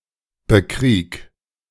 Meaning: 1. singular imperative of bekriegen 2. first-person singular present of bekriegen
- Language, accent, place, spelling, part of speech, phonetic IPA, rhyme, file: German, Germany, Berlin, bekrieg, verb, [bəˈkʁiːk], -iːk, De-bekrieg.ogg